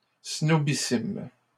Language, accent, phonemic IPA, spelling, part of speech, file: French, Canada, /snɔ.bi.sim/, snobissime, adjective, LL-Q150 (fra)-snobissime.wav
- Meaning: very snobbish